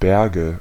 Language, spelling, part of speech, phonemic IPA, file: German, Berge, noun, /ˈbɛʁɡə/, De-Berge.ogg
- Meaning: nominative/accusative/genitive plural of Berg